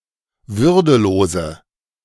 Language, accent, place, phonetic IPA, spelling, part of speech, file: German, Germany, Berlin, [ˈvʏʁdəˌloːzə], würdelose, adjective, De-würdelose.ogg
- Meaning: inflection of würdelos: 1. strong/mixed nominative/accusative feminine singular 2. strong nominative/accusative plural 3. weak nominative all-gender singular